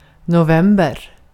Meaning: November (the eleventh month of the Gregorian calendar, following October and preceding December)
- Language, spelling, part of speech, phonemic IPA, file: Swedish, november, noun, /nʊˈvɛmbɛr/, Sv-november.ogg